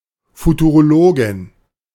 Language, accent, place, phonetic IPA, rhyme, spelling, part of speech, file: German, Germany, Berlin, [futuʁoˈloːɡɪn], -oːɡɪn, Futurologin, noun, De-Futurologin.ogg
- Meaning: female futurologist